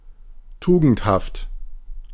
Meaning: virtuous, modest
- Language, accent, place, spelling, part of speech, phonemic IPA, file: German, Germany, Berlin, tugendhaft, adjective, /ˈtuːɡn̩thaft/, De-tugendhaft.ogg